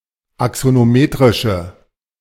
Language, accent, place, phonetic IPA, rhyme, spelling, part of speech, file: German, Germany, Berlin, [aksonoˈmeːtʁɪʃə], -eːtʁɪʃə, axonometrische, adjective, De-axonometrische.ogg
- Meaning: inflection of axonometrisch: 1. strong/mixed nominative/accusative feminine singular 2. strong nominative/accusative plural 3. weak nominative all-gender singular